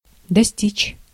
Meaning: 1. to reach, to arrive at 2. to attain, to achieve 3. to amount to, to come to
- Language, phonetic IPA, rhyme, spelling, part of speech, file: Russian, [dɐˈsʲtʲit͡ɕ], -it͡ɕ, достичь, verb, Ru-достичь.ogg